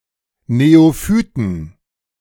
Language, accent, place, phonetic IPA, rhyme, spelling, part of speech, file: German, Germany, Berlin, [neoˈfyːtn̩], -yːtn̩, Neophyten, noun, De-Neophyten.ogg
- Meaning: plural of Neophyt